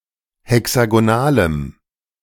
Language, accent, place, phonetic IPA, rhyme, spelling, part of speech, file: German, Germany, Berlin, [hɛksaɡoˈnaːləm], -aːləm, hexagonalem, adjective, De-hexagonalem.ogg
- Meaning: strong dative masculine/neuter singular of hexagonal